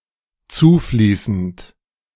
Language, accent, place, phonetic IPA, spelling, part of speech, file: German, Germany, Berlin, [ˈt͡suːˌfliːsn̩t], zufließend, verb, De-zufließend.ogg
- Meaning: present participle of zufließen